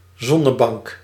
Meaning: sunbed (with UV lamps)
- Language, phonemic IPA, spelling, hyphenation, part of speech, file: Dutch, /ˈzɔ.nəˌbɑŋk/, zonnebank, zon‧ne‧bank, noun, Nl-zonnebank.ogg